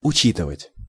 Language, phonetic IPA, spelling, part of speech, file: Russian, [ʊˈt͡ɕitɨvətʲ], учитывать, verb, Ru-учитывать.ogg
- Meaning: to take into account, to take into consideration, to appreciate (to be aware of)